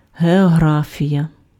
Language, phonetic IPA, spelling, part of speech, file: Ukrainian, [ɦeɔˈɦrafʲijɐ], географія, noun, Uk-географія.ogg
- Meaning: geography